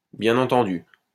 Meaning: 1. well understood 2. of course, obviously
- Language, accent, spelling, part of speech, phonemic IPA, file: French, France, bien entendu, adverb, /bjɛ̃.n‿ɑ̃.tɑ̃.dy/, LL-Q150 (fra)-bien entendu.wav